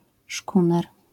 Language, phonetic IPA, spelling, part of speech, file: Polish, [ˈʃkũnɛr], szkuner, noun, LL-Q809 (pol)-szkuner.wav